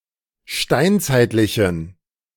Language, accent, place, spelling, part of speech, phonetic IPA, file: German, Germany, Berlin, steinzeitlichen, adjective, [ˈʃtaɪ̯nt͡saɪ̯tlɪçn̩], De-steinzeitlichen.ogg
- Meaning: inflection of steinzeitlich: 1. strong genitive masculine/neuter singular 2. weak/mixed genitive/dative all-gender singular 3. strong/weak/mixed accusative masculine singular 4. strong dative plural